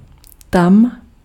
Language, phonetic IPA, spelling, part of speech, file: Czech, [ˈtam], tam, adverb, Cs-tam.ogg
- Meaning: 1. there (in or at that place or location) 2. there (to or into that place)